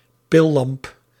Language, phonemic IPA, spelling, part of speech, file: Dutch, /ˈpɪlɑmp/, pillamp, noun, Nl-pillamp.ogg
- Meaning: flashlight